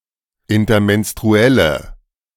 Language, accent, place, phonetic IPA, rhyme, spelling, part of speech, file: German, Germany, Berlin, [ɪntɐmɛnstʁuˈɛlə], -ɛlə, intermenstruelle, adjective, De-intermenstruelle.ogg
- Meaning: inflection of intermenstruell: 1. strong/mixed nominative/accusative feminine singular 2. strong nominative/accusative plural 3. weak nominative all-gender singular